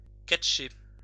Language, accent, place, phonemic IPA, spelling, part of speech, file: French, France, Lyon, /kat.ʃe/, catcher, verb, LL-Q150 (fra)-catcher.wav
- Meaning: 1. to wrestle 2. to catch 3. to catch, get (understand fully)